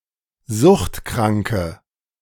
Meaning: inflection of suchtkrank: 1. strong/mixed nominative/accusative feminine singular 2. strong nominative/accusative plural 3. weak nominative all-gender singular
- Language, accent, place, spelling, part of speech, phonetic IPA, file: German, Germany, Berlin, suchtkranke, adjective, [ˈzʊxtˌkʁaŋkə], De-suchtkranke.ogg